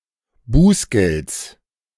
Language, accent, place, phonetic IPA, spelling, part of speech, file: German, Germany, Berlin, [ˈbuːsˌɡɛlt͡s], Bußgelds, noun, De-Bußgelds.ogg
- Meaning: genitive singular of Bußgeld